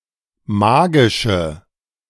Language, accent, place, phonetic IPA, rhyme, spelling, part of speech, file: German, Germany, Berlin, [ˈmaːɡɪʃə], -aːɡɪʃə, magische, adjective, De-magische.ogg
- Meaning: inflection of magisch: 1. strong/mixed nominative/accusative feminine singular 2. strong nominative/accusative plural 3. weak nominative all-gender singular 4. weak accusative feminine/neuter singular